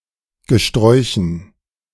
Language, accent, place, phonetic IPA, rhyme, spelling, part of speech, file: German, Germany, Berlin, [ɡəˈʃtʁɔɪ̯çn̩], -ɔɪ̯çn̩, Gesträuchen, noun, De-Gesträuchen.ogg
- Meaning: dative plural of Gesträuch